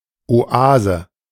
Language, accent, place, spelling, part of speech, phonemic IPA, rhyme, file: German, Germany, Berlin, Oase, noun, /oˈaːzə/, -aːzə, De-Oase.ogg
- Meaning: oasis